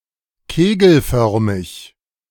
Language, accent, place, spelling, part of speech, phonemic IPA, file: German, Germany, Berlin, kegelförmig, adjective, /ˈkeːɡl̩ˌfœʁmɪç/, De-kegelförmig.ogg
- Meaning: conical, cone-shaped